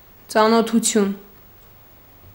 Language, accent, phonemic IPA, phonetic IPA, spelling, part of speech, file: Armenian, Eastern Armenian, /t͡sɑnotʰuˈtʰjun/, [t͡sɑnotʰut͡sʰjún], ծանոթություն, noun, Hy-ծանոթություն.ogg
- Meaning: 1. meeting, introduction, the process of becoming acquainted 2. acquaintance, state of being acquainted 3. acquaintance (with), knowledge (of), familiarity (with)